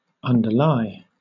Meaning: 1. To lie in a position directly beneath something 2. To lie under or beneath 3. To serve as a basis of; form the foundation of 4. To be subject to; be liable to answer, as a charge or challenge
- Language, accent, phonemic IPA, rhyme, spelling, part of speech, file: English, Southern England, /ˌʌn.dəˈlaɪ/, -aɪ, underlie, verb, LL-Q1860 (eng)-underlie.wav